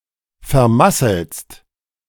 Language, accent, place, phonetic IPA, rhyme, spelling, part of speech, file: German, Germany, Berlin, [fɛɐ̯ˈmasl̩st], -asl̩st, vermasselst, verb, De-vermasselst.ogg
- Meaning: second-person singular present of vermasseln